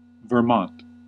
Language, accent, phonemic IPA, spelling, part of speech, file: English, US, /vɚˈmɑnt/, Vermont, proper noun, En-us-Vermont.ogg
- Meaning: 1. A state of the United States. Capital: Montpelier 2. A village in Fulton County, Illinois 3. An unincorporated community in Howard Township, Howard County, Indiana